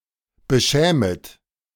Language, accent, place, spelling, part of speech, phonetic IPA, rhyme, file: German, Germany, Berlin, beschämet, verb, [bəˈʃɛːmət], -ɛːmət, De-beschämet.ogg
- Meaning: second-person plural subjunctive I of beschämen